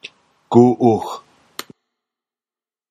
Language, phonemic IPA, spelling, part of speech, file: Central Sierra Miwok, /ɡuʔuh/, guˀuh, determiner, Csm-guˀuh.flac
- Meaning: yes